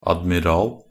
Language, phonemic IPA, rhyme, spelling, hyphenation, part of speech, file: Norwegian Bokmål, /admɪˈrɑːl/, -ɑːl, admiral, ad‧mi‧ral, noun, Nb-admiral.ogg
- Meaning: 1. an admiral (a naval officer of the highest rank; the commander of a country's naval forces) 2. a commander-in-chief of a collection of ships belonging to an admiralty